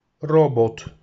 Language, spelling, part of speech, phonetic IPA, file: Polish, robot, noun, [ˈrɔbɔt], Pl-robot.ogg